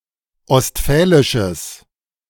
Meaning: strong/mixed nominative/accusative neuter singular of ostfälisch
- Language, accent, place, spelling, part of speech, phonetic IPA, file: German, Germany, Berlin, ostfälisches, adjective, [ɔstˈfɛːlɪʃəs], De-ostfälisches.ogg